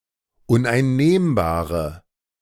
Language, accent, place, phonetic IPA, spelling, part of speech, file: German, Germany, Berlin, [ʊnʔaɪ̯nˈneːmbaːʁə], uneinnehmbare, adjective, De-uneinnehmbare.ogg
- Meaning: inflection of uneinnehmbar: 1. strong/mixed nominative/accusative feminine singular 2. strong nominative/accusative plural 3. weak nominative all-gender singular